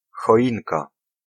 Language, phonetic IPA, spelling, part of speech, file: Polish, [xɔˈʲĩnka], choinka, noun, Pl-choinka.ogg